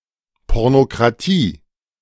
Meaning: pornocracy
- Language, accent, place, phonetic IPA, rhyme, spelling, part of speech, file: German, Germany, Berlin, [ˌpɔʁnokʁaˈtiː], -iː, Pornokratie, noun, De-Pornokratie.ogg